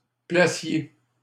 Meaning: 1. canvasser 2. rep
- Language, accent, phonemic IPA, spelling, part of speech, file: French, Canada, /pla.sje/, placier, noun, LL-Q150 (fra)-placier.wav